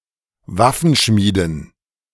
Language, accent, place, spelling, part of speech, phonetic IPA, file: German, Germany, Berlin, Waffenschmieden, noun, [ˈvafn̩ˌʃmiːdn̩], De-Waffenschmieden.ogg
- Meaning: dative plural of Waffenschmied